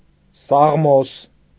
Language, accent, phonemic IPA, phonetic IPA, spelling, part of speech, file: Armenian, Eastern Armenian, /sɑʁˈmos/, [sɑʁmós], սաղմոս, noun, Hy-սաղմոս.ogg
- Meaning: psalm